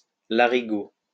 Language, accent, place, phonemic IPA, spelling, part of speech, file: French, France, Lyon, /la.ʁi.ɡo/, larigot, noun, LL-Q150 (fra)-larigot.wav
- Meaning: a type of small flageolet